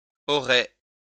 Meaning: third-person singular conditional of avoir
- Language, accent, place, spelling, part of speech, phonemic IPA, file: French, France, Lyon, aurait, verb, /ɔ.ʁɛ/, LL-Q150 (fra)-aurait.wav